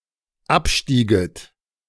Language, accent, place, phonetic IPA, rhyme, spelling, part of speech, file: German, Germany, Berlin, [ˈapˌʃtiːɡət], -apʃtiːɡət, abstieget, verb, De-abstieget.ogg
- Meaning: second-person plural dependent subjunctive II of absteigen